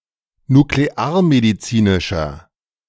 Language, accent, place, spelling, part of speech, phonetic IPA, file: German, Germany, Berlin, nuklearmedizinischer, adjective, [nukleˈaːɐ̯mediˌt͡siːnɪʃɐ], De-nuklearmedizinischer.ogg
- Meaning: inflection of nuklearmedizinisch: 1. strong/mixed nominative masculine singular 2. strong genitive/dative feminine singular 3. strong genitive plural